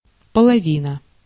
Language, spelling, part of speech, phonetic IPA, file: Russian, половина, noun, [pəɫɐˈvʲinə], Ru-половина.ogg
- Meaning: half